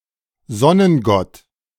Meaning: sungod
- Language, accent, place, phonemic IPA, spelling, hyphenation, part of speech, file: German, Germany, Berlin, /ˈzɔnənˌɡɔt/, Sonnengott, Son‧nen‧gott, noun, De-Sonnengott.ogg